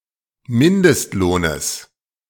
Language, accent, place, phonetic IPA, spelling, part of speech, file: German, Germany, Berlin, [ˈmɪndəstˌloːnəs], Mindestlohnes, noun, De-Mindestlohnes.ogg
- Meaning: genitive singular of Mindestlohn